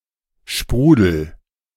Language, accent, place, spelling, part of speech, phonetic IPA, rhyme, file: German, Germany, Berlin, sprudel, verb, [ˈʃpʁuːdl̩], -uːdl̩, De-sprudel.ogg
- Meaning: inflection of sprudeln: 1. first-person singular present 2. singular imperative